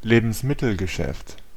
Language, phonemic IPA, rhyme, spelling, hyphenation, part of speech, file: German, /ˈleːbn̩smɪtl̩ɡəˌʃɛft/, -ɛft, Lebensmittelgeschäft, Le‧bens‧mit‧tel‧ge‧schäft, noun, De-Lebensmittelgeschäft.ogg
- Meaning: grocery, grocery store